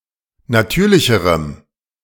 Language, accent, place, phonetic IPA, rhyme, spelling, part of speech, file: German, Germany, Berlin, [naˈtyːɐ̯lɪçəʁəm], -yːɐ̯lɪçəʁəm, natürlicherem, adjective, De-natürlicherem.ogg
- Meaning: strong dative masculine/neuter singular comparative degree of natürlich